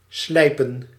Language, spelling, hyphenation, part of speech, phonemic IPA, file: Dutch, slijpen, slij‧pen, verb, /ˈslɛi̯.pə(n)/, Nl-slijpen.ogg
- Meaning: 1. to sharpen 2. to grind (a lens e.g.)